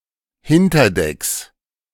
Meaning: plural of Hinterdeck
- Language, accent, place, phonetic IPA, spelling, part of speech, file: German, Germany, Berlin, [ˈhɪntɐˌdɛks], Hinterdecks, noun, De-Hinterdecks.ogg